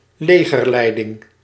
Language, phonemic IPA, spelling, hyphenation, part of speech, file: Dutch, /ˈleː.ɣərˌlɛi̯.dɪŋ/, legerleiding, le‧ger‧lei‧ding, noun, Nl-legerleiding.ogg
- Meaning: army leadership, army command